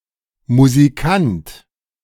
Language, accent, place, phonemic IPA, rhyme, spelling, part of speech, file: German, Germany, Berlin, /muziˈkant/, -ant, Musikant, noun, De-Musikant.ogg
- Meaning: musician